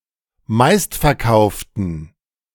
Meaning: inflection of meistverkauft: 1. strong genitive masculine/neuter singular 2. weak/mixed genitive/dative all-gender singular 3. strong/weak/mixed accusative masculine singular 4. strong dative plural
- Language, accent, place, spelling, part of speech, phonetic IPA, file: German, Germany, Berlin, meistverkauften, adjective, [ˈmaɪ̯stfɛɐ̯ˌkaʊ̯ftn̩], De-meistverkauften.ogg